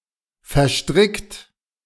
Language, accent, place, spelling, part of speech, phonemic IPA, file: German, Germany, Berlin, verstrickt, verb, /fɛʁˈʃtʁɪkt/, De-verstrickt.ogg
- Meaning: 1. past participle of verstricken 2. inflection of verstricken: second-person plural present 3. inflection of verstricken: third-person singular present 4. inflection of verstricken: plural imperative